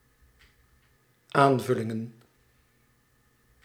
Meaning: plural of aanvulling
- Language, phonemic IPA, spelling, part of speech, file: Dutch, /ˈaɱvʏlɪŋə(n)/, aanvullingen, noun, Nl-aanvullingen.ogg